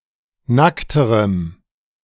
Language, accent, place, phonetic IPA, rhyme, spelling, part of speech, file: German, Germany, Berlin, [ˈnaktəʁəm], -aktəʁəm, nackterem, adjective, De-nackterem.ogg
- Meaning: strong dative masculine/neuter singular comparative degree of nackt